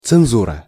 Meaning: 1. censorship 2. censorship office
- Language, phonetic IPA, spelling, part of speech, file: Russian, [t͡sɨnˈzurə], цензура, noun, Ru-цензура.ogg